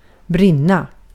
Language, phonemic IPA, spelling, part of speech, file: Swedish, /²brɪnːa/, brinna, verb, Sv-brinna.ogg
- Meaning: to burn, to be on fire